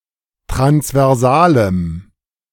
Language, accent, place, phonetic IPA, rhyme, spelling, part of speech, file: German, Germany, Berlin, [tʁansvɛʁˈzaːləm], -aːləm, transversalem, adjective, De-transversalem.ogg
- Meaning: strong dative masculine/neuter singular of transversal